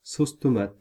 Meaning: tomato sauce (pasta sauce)
- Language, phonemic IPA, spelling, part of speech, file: French, /sos tɔ.mat/, sauce tomate, noun, Fr-sauce tomate.ogg